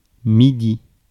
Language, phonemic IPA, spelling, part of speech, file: French, /mi.di/, midi, noun, Fr-midi.ogg
- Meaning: 1. noon, midday (time of the day at which the sun reaches its highest point) 2. south (cardinal direction) 3. alternative letter-case form of Midi